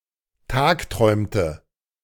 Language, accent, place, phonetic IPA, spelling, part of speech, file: German, Germany, Berlin, [ˈtaːkˌtʁɔɪ̯mtə], tagträumte, verb, De-tagträumte.ogg
- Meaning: inflection of tagträumen: 1. first/third-person singular preterite 2. first/third-person singular subjunctive II